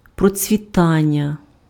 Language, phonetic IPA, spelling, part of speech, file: Ukrainian, [prɔt͡sʲʋʲiˈtanʲːɐ], процвітання, noun, Uk-процвітання.ogg
- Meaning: 1. verbal noun of процвіта́ти (procvitáty): prospering, flourishing, thriving 2. prosperity